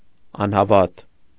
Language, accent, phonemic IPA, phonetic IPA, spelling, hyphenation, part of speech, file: Armenian, Eastern Armenian, /ɑnhɑˈvɑt/, [ɑnhɑvɑ́t], անհավատ, ան‧հա‧վատ, adjective / noun, Hy-անհավատ .ogg
- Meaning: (adjective) 1. disbelieving, not believing in something 2. faithless, lacking faith in religion or God 3. infidel, not holding the faith of a given religion 4. untrustworthy 5. heartless, cruel